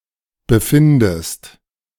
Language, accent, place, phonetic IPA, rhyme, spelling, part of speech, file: German, Germany, Berlin, [bəˈfɪndəst], -ɪndəst, befindest, verb, De-befindest.ogg
- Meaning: inflection of befinden: 1. second-person singular present 2. second-person singular subjunctive I